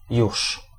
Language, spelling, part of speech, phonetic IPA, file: Polish, już, particle / adverb, [juʃ], Pl-już.ogg